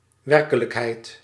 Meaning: 1. reality 2. activity, the state of being active or operative 3. activity, action, something one does
- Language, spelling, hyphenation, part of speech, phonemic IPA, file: Dutch, werkelijkheid, wer‧ke‧lijk‧heid, noun, /ˈʋɛr.kə.ləkˌɦɛi̯t/, Nl-werkelijkheid.ogg